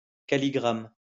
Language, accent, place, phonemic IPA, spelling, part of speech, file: French, France, Lyon, /ka.li.ɡʁam/, calligramme, noun, LL-Q150 (fra)-calligramme.wav
- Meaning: calligram